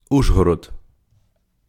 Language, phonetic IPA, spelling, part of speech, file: Ukrainian, [ˈuʒɦɔrɔd], Ужгород, proper noun, Uk-Ужгород.ogg
- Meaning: Uzhhorod (A city in the Carpathian Mountains, the administrative centre of Zakarpattia Oblast in western Ukraine)